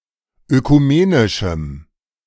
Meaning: strong dative masculine/neuter singular of ökumenisch
- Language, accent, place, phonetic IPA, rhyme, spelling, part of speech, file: German, Germany, Berlin, [økuˈmeːnɪʃm̩], -eːnɪʃm̩, ökumenischem, adjective, De-ökumenischem.ogg